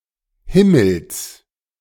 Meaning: genitive singular of Himmel
- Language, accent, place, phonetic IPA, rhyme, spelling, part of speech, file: German, Germany, Berlin, [ˈhɪml̩s], -ɪml̩s, Himmels, noun, De-Himmels.ogg